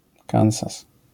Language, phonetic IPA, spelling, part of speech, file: Polish, [ˈkãw̃zas], Kansas, proper noun, LL-Q809 (pol)-Kansas.wav